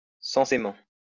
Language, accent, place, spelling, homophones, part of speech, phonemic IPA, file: French, France, Lyon, censément, sensément, adverb, /sɑ̃.se.mɑ̃/, LL-Q150 (fra)-censément.wav
- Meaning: supposedly